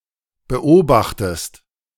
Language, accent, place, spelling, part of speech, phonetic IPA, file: German, Germany, Berlin, beobachtest, verb, [bəˈʔoːbaxtəst], De-beobachtest.ogg
- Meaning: inflection of beobachten: 1. second-person singular present 2. second-person singular subjunctive I